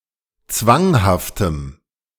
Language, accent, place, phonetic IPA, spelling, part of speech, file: German, Germany, Berlin, [ˈt͡svaŋhaftəm], zwanghaftem, adjective, De-zwanghaftem.ogg
- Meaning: strong dative masculine/neuter singular of zwanghaft